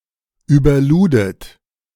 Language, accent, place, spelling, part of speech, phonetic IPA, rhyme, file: German, Germany, Berlin, überludet, verb, [yːbɐˈluːdət], -uːdət, De-überludet.ogg
- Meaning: second-person plural preterite of überladen